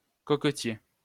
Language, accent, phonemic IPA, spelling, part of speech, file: French, France, /kɔk.tje/, coquetier, noun, LL-Q150 (fra)-coquetier.wav
- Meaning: 1. eggcup 2. egg seller; a business which sells eggs 3. cockler (someone who gathers and sells cockles or other shellfish)